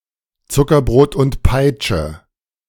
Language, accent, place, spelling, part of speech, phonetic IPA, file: German, Germany, Berlin, Zuckerbrot und Peitsche, phrase, [ˈt͡sʊkɐˌbʁoːt ʊnt ˈpaɪ̯t͡ʃə], De-Zuckerbrot und Peitsche.ogg
- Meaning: carrot and stick